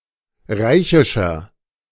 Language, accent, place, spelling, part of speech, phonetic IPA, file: German, Germany, Berlin, reichischer, adjective, [ˈʁaɪ̯çɪʃɐ], De-reichischer.ogg
- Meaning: inflection of reichisch: 1. strong/mixed nominative masculine singular 2. strong genitive/dative feminine singular 3. strong genitive plural